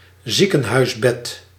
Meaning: hospital bed
- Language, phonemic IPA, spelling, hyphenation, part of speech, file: Dutch, /ˈzi.kə(n).ɦœy̯sˌbɛt/, ziekenhuisbed, zie‧ken‧huis‧bed, noun, Nl-ziekenhuisbed.ogg